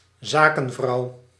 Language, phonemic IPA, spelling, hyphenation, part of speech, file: Dutch, /ˈzaːkə(n)ˌvrɑu̯/, zakenvrouw, za‧ken‧vrouw, noun, Nl-zakenvrouw.ogg
- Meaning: a businesswoman, a woman in business